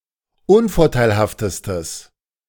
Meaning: strong/mixed nominative/accusative neuter singular superlative degree of unvorteilhaft
- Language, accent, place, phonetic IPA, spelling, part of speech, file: German, Germany, Berlin, [ˈʊnfɔʁtaɪ̯lhaftəstəs], unvorteilhaftestes, adjective, De-unvorteilhaftestes.ogg